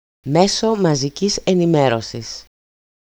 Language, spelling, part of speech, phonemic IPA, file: Greek, μέσο μαζικής ενημέρωσης, noun, /ˈmeso maziˈcis eniˈmerosis/, EL-μέσο μαζικής ενημέρωσης.ogg
- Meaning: medium, mass medium